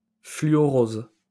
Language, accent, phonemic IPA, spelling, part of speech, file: French, France, /fly.ɔ.ʁoz/, fluorose, noun, LL-Q150 (fra)-fluorose.wav
- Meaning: fluorosis